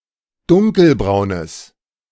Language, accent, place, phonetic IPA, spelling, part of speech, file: German, Germany, Berlin, [ˈdʊŋkəlˌbʁaʊ̯nəs], dunkelbraunes, adjective, De-dunkelbraunes.ogg
- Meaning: strong/mixed nominative/accusative neuter singular of dunkelbraun